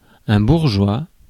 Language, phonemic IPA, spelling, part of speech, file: French, /buʁ.ʒwa/, bourgeois, adjective / noun, Fr-bourgeois.ogg
- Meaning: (adjective) bourgeois; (noun) 1. A member of the middle class 2. an inhabitant of a town or city 3. someone who belongs to neither the aristocratic, clerical, nor military classes